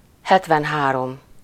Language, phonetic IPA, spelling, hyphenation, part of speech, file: Hungarian, [ˈhɛtvɛnɦaːrom], hetvenhárom, het‧ven‧há‧rom, numeral, Hu-hetvenhárom.ogg
- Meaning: seventy-three